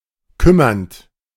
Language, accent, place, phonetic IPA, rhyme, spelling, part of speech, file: German, Germany, Berlin, [ˈkʏmɐnt], -ʏmɐnt, kümmernd, verb, De-kümmernd.ogg
- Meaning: present participle of kümmern